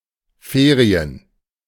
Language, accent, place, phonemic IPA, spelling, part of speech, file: German, Germany, Berlin, /ˈfeːri̯ən/, Ferien, noun, De-Ferien.ogg
- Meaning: 1. holidays during which an institution (especially a school, university) or a business is closed; break (usually three days or more) 2. vacation, holiday